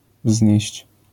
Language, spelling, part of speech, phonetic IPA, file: Polish, wznieść, verb, [vzʲɲɛ̇ɕt͡ɕ], LL-Q809 (pol)-wznieść.wav